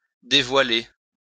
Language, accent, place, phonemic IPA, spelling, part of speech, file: French, France, Lyon, /de.vwa.le/, dévoiler, verb, LL-Q150 (fra)-dévoiler.wav
- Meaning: 1. to unveil (remove a veil from) 2. to unveil, to reveal, to disclose 3. to unveil oneself, to reveal oneself 4. to appear, to manifest